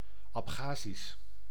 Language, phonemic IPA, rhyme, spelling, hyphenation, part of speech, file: Dutch, /ˌɑpˈxaː.zis/, -aːzis, Abchazisch, Ab‧cha‧zisch, proper noun, Nl-Abchazisch.ogg
- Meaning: Abkhaz; language spoken in Abkhazia